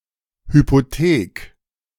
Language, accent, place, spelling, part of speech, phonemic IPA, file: German, Germany, Berlin, Hypothek, noun, /hypoˈteːk/, De-Hypothek.ogg
- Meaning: mortgage